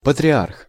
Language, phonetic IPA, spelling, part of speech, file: Russian, [pətrʲɪˈarx], патриарх, noun, Ru-патриарх.ogg
- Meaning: patriarch